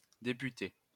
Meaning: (noun) female equivalent of député; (verb) feminine singular of député
- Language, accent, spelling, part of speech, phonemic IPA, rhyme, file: French, France, députée, noun / verb, /de.py.te/, -e, LL-Q150 (fra)-députée.wav